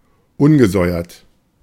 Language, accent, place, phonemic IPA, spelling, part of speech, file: German, Germany, Berlin, /ˈʊnɡəˌzɔɪ̯ɐt/, ungesäuert, adjective, De-ungesäuert.ogg
- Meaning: 1. unleavened 2. azymous